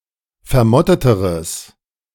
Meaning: strong/mixed nominative/accusative neuter singular comparative degree of vermottet
- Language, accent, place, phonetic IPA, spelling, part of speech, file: German, Germany, Berlin, [fɛɐ̯ˈmɔtətəʁəs], vermotteteres, adjective, De-vermotteteres.ogg